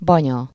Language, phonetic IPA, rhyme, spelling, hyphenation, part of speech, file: Hungarian, [ˈbɒɲɒ], -ɲɒ, banya, ba‧nya, noun, Hu-banya.ogg
- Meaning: 1. hag, harridan, witch 2. grandmother